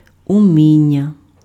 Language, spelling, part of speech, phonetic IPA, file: Ukrainian, уміння, noun, [ʊˈmʲinʲːɐ], Uk-уміння.ogg
- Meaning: skill, ability, know-how